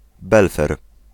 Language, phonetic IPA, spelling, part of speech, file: Polish, [ˈbɛlfɛr], belfer, noun, Pl-belfer.ogg